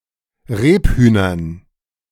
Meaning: dative plural of Rebhuhn
- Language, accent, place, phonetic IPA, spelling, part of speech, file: German, Germany, Berlin, [ˈʁeːpˌhyːnɐn], Rebhühnern, noun, De-Rebhühnern.ogg